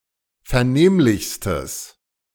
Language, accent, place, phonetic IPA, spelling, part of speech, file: German, Germany, Berlin, [fɛɐ̯ˈneːmlɪçstəs], vernehmlichstes, adjective, De-vernehmlichstes.ogg
- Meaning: strong/mixed nominative/accusative neuter singular superlative degree of vernehmlich